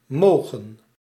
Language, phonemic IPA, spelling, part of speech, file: Dutch, /ˈmoːɣə(n)/, mogen, verb, Nl-mogen.ogg
- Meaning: 1. to be allowed 2. may, can, be allowed to 3. may go, can go, to be allowed to go 4. may have, can have 5. to like (of food or of a person)